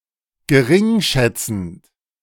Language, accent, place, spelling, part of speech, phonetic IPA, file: German, Germany, Berlin, geringschätzend, verb, [ɡəˈʁɪŋˌʃɛt͡sn̩t], De-geringschätzend.ogg
- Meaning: present participle of geringschätzen